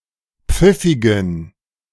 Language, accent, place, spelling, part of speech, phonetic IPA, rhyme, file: German, Germany, Berlin, pfiffigen, adjective, [ˈp͡fɪfɪɡn̩], -ɪfɪɡn̩, De-pfiffigen.ogg
- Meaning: inflection of pfiffig: 1. strong genitive masculine/neuter singular 2. weak/mixed genitive/dative all-gender singular 3. strong/weak/mixed accusative masculine singular 4. strong dative plural